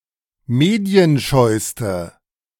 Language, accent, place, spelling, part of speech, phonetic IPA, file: German, Germany, Berlin, medienscheuste, adjective, [ˈmeːdi̯ənˌʃɔɪ̯stə], De-medienscheuste.ogg
- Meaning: inflection of medienscheu: 1. strong/mixed nominative/accusative feminine singular superlative degree 2. strong nominative/accusative plural superlative degree